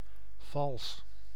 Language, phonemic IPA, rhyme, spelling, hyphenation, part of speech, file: Dutch, /vɑls/, -ɑls, vals, vals, adjective, Nl-vals.ogg
- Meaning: 1. fake, false 2. off-key, out of tune 3. vicious 4. incorrect, untrue